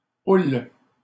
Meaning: swell (of water)
- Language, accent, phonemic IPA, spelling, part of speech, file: French, Canada, /ul/, houle, noun, LL-Q150 (fra)-houle.wav